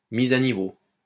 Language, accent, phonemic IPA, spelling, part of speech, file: French, France, /miz a ni.vo/, mise à niveau, noun, LL-Q150 (fra)-mise à niveau.wav
- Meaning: upgrade